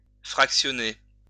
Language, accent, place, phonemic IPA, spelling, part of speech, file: French, France, Lyon, /fʁak.sjɔ.ne/, fractionner, verb, LL-Q150 (fra)-fractionner.wav
- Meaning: 1. to fractionate 2. to divide (into fractions)